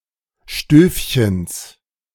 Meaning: genitive singular of Stövchen
- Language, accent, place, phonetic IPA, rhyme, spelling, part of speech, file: German, Germany, Berlin, [ˈʃtøːfçəns], -øːfçəns, Stövchens, noun, De-Stövchens.ogg